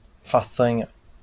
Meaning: 1. feat, achievement; deed (rare or difficult accomplishment) 2. prowess (distinguished bravery or courage)
- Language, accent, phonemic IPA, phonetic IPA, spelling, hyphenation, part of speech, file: Portuguese, Brazil, /faˈsɐ̃.ɲɐ/, [faˈsɐ̃.j̃ɐ], façanha, fa‧ça‧nha, noun, LL-Q5146 (por)-façanha.wav